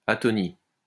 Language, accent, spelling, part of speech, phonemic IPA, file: French, France, atonie, noun, /a.tɔ.ni/, LL-Q150 (fra)-atonie.wav
- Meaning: sluggishness, apathy; lifelessness